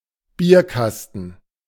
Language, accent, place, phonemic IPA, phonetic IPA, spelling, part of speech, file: German, Germany, Berlin, /ˈbiːrˌkastən/, [ˈbi(ː)ɐ̯ˌkas.tn̩], Bierkasten, noun, De-Bierkasten.ogg
- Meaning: beer crate, beer case (a bottle crate used for beer bottles)